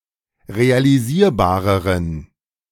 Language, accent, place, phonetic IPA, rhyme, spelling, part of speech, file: German, Germany, Berlin, [ʁealiˈziːɐ̯baːʁəʁən], -iːɐ̯baːʁəʁən, realisierbareren, adjective, De-realisierbareren.ogg
- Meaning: inflection of realisierbar: 1. strong genitive masculine/neuter singular comparative degree 2. weak/mixed genitive/dative all-gender singular comparative degree